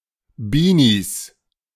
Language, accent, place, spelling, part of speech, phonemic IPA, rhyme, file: German, Germany, Berlin, Beanies, noun, /ˈbiːniːs/, -iːs, De-Beanies.ogg
- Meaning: plural of Beanie